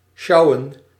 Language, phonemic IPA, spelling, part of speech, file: Dutch, /ˈʃɑu̯ə(n)/, sjouwen, verb, Nl-sjouwen.ogg
- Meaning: to carry (a heavy object or load), tote, schlep